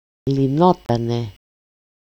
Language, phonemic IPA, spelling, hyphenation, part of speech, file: Greek, /liˈnotane/, λυνότανε, λυ‧νό‧τα‧νε, verb, El-λυνότανε.ogg
- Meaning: third-person singular imperfect passive indicative of λύνω (lýno)